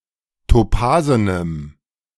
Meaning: strong dative masculine/neuter singular of topasen
- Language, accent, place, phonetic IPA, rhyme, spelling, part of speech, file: German, Germany, Berlin, [toˈpaːzənəm], -aːzənəm, topasenem, adjective, De-topasenem.ogg